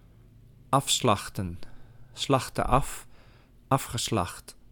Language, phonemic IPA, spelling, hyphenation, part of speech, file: Dutch, /ˈɑfslɑxtə(n)/, afslachten, af‧slach‧ten, verb, Nl-afslachten.ogg
- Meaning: 1. to butcher, to slaughter 2. to massacre